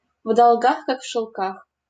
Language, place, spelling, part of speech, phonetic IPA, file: Russian, Saint Petersburg, в долгах как в шелках, phrase, [v‿dɐɫˈɡax kak f‿ʂɨɫˈkax], LL-Q7737 (rus)-в долгах как в шелках.wav
- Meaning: deep in debt